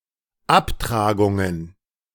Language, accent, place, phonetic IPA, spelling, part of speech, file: German, Germany, Berlin, [ˈapˌtʁaːɡʊŋən], Abtragungen, noun, De-Abtragungen.ogg
- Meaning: plural of Abtragung